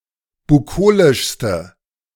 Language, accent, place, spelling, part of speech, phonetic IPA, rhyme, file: German, Germany, Berlin, bukolischste, adjective, [buˈkoːlɪʃstə], -oːlɪʃstə, De-bukolischste.ogg
- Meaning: inflection of bukolisch: 1. strong/mixed nominative/accusative feminine singular superlative degree 2. strong nominative/accusative plural superlative degree